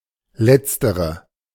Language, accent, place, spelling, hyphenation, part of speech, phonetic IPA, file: German, Germany, Berlin, letztere, letz‧te‧re, adjective, [ˈlɛtstəʁə], De-letztere.ogg
- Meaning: latter